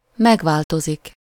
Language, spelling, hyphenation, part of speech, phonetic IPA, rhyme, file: Hungarian, megváltozik, meg‧vál‧to‧zik, verb, [ˈmɛɡvaːltozik], -ozik, Hu-megváltozik.ogg
- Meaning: to change (to become different)